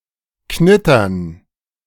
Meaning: crinkling (The act or sound or something being crinkled)
- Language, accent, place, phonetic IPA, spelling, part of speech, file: German, Germany, Berlin, [ˈknɪtɐn], Knittern, noun, De-Knittern.ogg